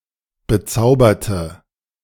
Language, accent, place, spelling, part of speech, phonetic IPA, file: German, Germany, Berlin, bezauberte, adjective / verb, [bəˈt͡saʊ̯bɐtə], De-bezauberte.ogg
- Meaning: inflection of bezaubert: 1. strong/mixed nominative/accusative feminine singular 2. strong nominative/accusative plural 3. weak nominative all-gender singular